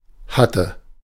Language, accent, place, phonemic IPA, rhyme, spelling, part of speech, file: German, Germany, Berlin, /ˈhatə/, -atə, hatte, verb, De-hatte.ogg
- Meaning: first/third-person singular preterite of haben